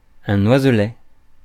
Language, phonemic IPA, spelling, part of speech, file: French, /waz.lɛ/, oiselet, noun, Fr-oiselet.ogg
- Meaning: young bird, baby bird, birdlet